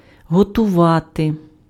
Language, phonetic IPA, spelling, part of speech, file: Ukrainian, [ɦɔtʊˈʋate], готувати, verb, Uk-готувати.ogg
- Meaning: 1. to prepare, to ready, make ready 2. to prepare, to make, to cook (make food ready for consumption) 3. to train (somebody)